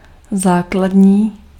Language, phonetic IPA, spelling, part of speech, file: Czech, [ˈzaːkladɲiː], základní, adjective, Cs-základní.ogg
- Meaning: 1. basic, fundamental, underlying 2. basal (related to base) 3. cardinal